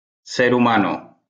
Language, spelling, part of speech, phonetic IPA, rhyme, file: Spanish, ser humano, phrase, [ˈseɾ uˈmano], -ano, LL-Q1321 (spa)-ser humano.wav